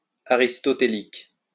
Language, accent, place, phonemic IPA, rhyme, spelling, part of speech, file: French, France, Lyon, /a.ʁis.tɔ.te.lik/, -ik, aristotélique, adjective, LL-Q150 (fra)-aristotélique.wav
- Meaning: Aristotelian